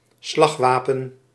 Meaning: a melee weapon with which one slashes or chops (as opposed to stabbing)
- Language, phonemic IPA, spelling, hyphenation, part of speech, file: Dutch, /ˈslɑxˌʋaː.pə(n)/, slagwapen, slag‧wa‧pen, noun, Nl-slagwapen.ogg